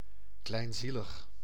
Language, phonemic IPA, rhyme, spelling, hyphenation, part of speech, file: Dutch, /ˌklɛi̯nˈzi.ləx/, -iləx, kleinzielig, klein‧zie‧lig, adjective, Nl-kleinzielig.ogg
- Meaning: petty, grudgeful